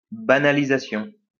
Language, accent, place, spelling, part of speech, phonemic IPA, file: French, France, Lyon, banalisation, noun, /ba.na.li.za.sjɔ̃/, LL-Q150 (fra)-banalisation.wav
- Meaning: trivialization